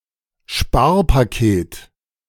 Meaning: austerity package (package of spending cuts)
- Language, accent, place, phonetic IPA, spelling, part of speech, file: German, Germany, Berlin, [ˈʃpaːɐ̯paˌkeːt], Sparpaket, noun, De-Sparpaket.ogg